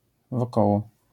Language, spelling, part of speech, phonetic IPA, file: Polish, wokoło, preposition / adverb, [vɔˈkɔwɔ], LL-Q809 (pol)-wokoło.wav